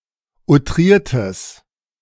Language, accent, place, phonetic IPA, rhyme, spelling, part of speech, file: German, Germany, Berlin, [uˈtʁiːɐ̯təs], -iːɐ̯təs, outriertes, adjective, De-outriertes.ogg
- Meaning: strong/mixed nominative/accusative neuter singular of outriert